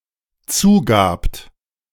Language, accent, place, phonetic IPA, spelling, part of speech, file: German, Germany, Berlin, [ˈt͡suːˌɡaːpt], zugabt, verb, De-zugabt.ogg
- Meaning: second-person plural dependent preterite of zugeben